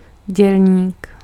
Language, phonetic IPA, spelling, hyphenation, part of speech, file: Czech, [ˈɟɛlɲiːk], dělník, děl‧ník, noun, Cs-dělník.ogg
- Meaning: worker, laborer, operator